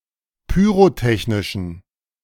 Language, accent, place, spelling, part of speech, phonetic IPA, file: German, Germany, Berlin, pyrotechnischen, adjective, [pyːʁoˈtɛçnɪʃn̩], De-pyrotechnischen.ogg
- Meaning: inflection of pyrotechnisch: 1. strong genitive masculine/neuter singular 2. weak/mixed genitive/dative all-gender singular 3. strong/weak/mixed accusative masculine singular 4. strong dative plural